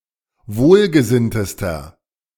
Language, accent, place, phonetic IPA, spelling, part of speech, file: German, Germany, Berlin, [ˈvoːlɡəˌzɪntəstɐ], wohlgesinntester, adjective, De-wohlgesinntester.ogg
- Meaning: inflection of wohlgesinnt: 1. strong/mixed nominative masculine singular superlative degree 2. strong genitive/dative feminine singular superlative degree 3. strong genitive plural superlative degree